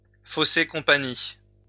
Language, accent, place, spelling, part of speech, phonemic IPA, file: French, France, Lyon, fausser compagnie, verb, /fo.se kɔ̃.pa.ɲi/, LL-Q150 (fra)-fausser compagnie.wav
- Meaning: to give (someone) the slip, to slip away from